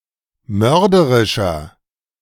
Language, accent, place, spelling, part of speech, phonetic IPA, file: German, Germany, Berlin, mörderischer, adjective, [ˈmœʁdəʁɪʃɐ], De-mörderischer.ogg
- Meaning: 1. comparative degree of mörderisch 2. inflection of mörderisch: strong/mixed nominative masculine singular 3. inflection of mörderisch: strong genitive/dative feminine singular